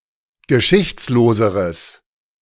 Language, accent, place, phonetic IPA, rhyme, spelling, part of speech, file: German, Germany, Berlin, [ɡəˈʃɪçt͡sloːzəʁəs], -ɪçt͡sloːzəʁəs, geschichtsloseres, adjective, De-geschichtsloseres.ogg
- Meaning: strong/mixed nominative/accusative neuter singular comparative degree of geschichtslos